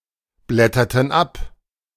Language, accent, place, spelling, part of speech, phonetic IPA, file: German, Germany, Berlin, blätterten ab, verb, [ˌblɛtɐtn̩ ˈap], De-blätterten ab.ogg
- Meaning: inflection of abblättern: 1. first/third-person plural preterite 2. first/third-person plural subjunctive II